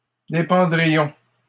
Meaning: first-person plural conditional of dépendre
- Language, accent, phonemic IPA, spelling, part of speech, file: French, Canada, /de.pɑ̃.dʁi.jɔ̃/, dépendrions, verb, LL-Q150 (fra)-dépendrions.wav